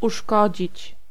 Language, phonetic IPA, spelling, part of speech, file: Polish, [uˈʃkɔd͡ʑit͡ɕ], uszkodzić, verb, Pl-uszkodzić.ogg